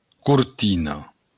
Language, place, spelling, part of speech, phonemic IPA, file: Occitan, Béarn, cortina, noun, /kuɾˈtino/, LL-Q14185 (oci)-cortina.wav
- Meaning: curtain